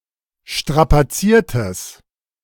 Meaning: strong/mixed nominative/accusative neuter singular of strapaziert
- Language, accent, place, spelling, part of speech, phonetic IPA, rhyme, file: German, Germany, Berlin, strapaziertes, adjective, [ˌʃtʁapaˈt͡siːɐ̯təs], -iːɐ̯təs, De-strapaziertes.ogg